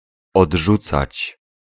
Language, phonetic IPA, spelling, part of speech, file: Polish, [ɔḍˈʒut͡sat͡ɕ], odrzucać, verb, Pl-odrzucać.ogg